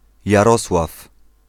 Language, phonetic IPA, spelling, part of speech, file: Polish, [jaˈrɔswaf], Jarosław, proper noun, Pl-Jarosław.ogg